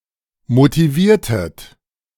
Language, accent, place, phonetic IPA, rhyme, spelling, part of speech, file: German, Germany, Berlin, [motiˈviːɐ̯tət], -iːɐ̯tət, motiviertet, verb, De-motiviertet.ogg
- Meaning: inflection of motivieren: 1. second-person plural preterite 2. second-person plural subjunctive II